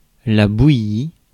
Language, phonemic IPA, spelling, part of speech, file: French, /bu.ji/, bouillie, verb / noun, Fr-bouillie.ogg
- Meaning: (verb) feminine singular of bouilli; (noun) 1. gruel; mash; porridge 2. paste; mixture